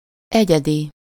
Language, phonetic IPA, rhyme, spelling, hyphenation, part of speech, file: Hungarian, [ˈɛɟɛdi], -di, egyedi, egye‧di, adjective, Hu-egyedi.ogg
- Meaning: 1. individual 2. unique